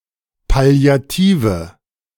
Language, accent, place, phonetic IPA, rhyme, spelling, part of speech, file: German, Germany, Berlin, [pali̯aˈtiːvə], -iːvə, palliative, adjective, De-palliative.ogg
- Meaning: inflection of palliativ: 1. strong/mixed nominative/accusative feminine singular 2. strong nominative/accusative plural 3. weak nominative all-gender singular